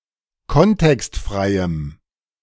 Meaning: strong dative masculine/neuter singular of kontextfrei
- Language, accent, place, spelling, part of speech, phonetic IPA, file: German, Germany, Berlin, kontextfreiem, adjective, [ˈkɔntɛkstˌfʁaɪ̯əm], De-kontextfreiem.ogg